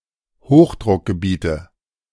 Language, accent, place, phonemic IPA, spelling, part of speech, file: German, Germany, Berlin, /ˈhoːxdʁʊkɡəˌbiːtə/, Hochdruckgebiete, noun, De-Hochdruckgebiete.ogg
- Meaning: nominative/accusative/genitive plural of Hochdruckgebiet